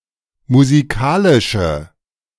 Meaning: inflection of musikalisch: 1. strong/mixed nominative/accusative feminine singular 2. strong nominative/accusative plural 3. weak nominative all-gender singular
- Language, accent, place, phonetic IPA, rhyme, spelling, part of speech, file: German, Germany, Berlin, [muziˈkaːlɪʃə], -aːlɪʃə, musikalische, adjective, De-musikalische.ogg